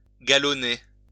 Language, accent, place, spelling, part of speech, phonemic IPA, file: French, France, Lyon, galonner, verb, /ɡa.lɔ.ne/, LL-Q150 (fra)-galonner.wav
- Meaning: to braid, galloon (trim with braid)